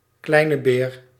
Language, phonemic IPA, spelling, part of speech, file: Dutch, /ˈklɛinə ber/, Kleine Beer, proper noun, Nl-Kleine Beer.ogg
- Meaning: Ursa Minor